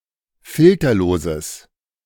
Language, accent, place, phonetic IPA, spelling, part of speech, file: German, Germany, Berlin, [ˈfɪltɐloːzəs], filterloses, adjective, De-filterloses.ogg
- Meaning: strong/mixed nominative/accusative neuter singular of filterlos